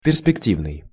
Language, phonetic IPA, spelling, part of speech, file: Russian, [pʲɪrspʲɪkˈtʲivnɨj], перспективный, adjective, Ru-перспективный.ogg
- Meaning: 1. prospective, forward-looking 2. perspectival 3. promising